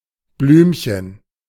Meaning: diminutive of Blume
- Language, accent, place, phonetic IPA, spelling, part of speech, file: German, Germany, Berlin, [ˈblyːmçən], Blümchen, noun, De-Blümchen.ogg